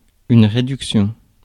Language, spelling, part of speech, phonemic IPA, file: French, réduction, noun, /ʁe.dyk.sjɔ̃/, Fr-réduction.ogg
- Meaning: 1. reduction 2. discount